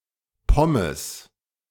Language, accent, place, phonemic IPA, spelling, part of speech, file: German, Germany, Berlin, /ˈpɔməs/, Pommes, noun, De-Pommes.ogg
- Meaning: 1. fries, French fries, chips (UK) 2. a single fry, a single chip (UK) 3. a portion of fries